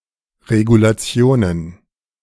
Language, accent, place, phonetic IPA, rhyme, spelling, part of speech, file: German, Germany, Berlin, [ʁeɡulaˈt͡si̯oːnən], -oːnən, Regulationen, noun, De-Regulationen.ogg
- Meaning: plural of Regulation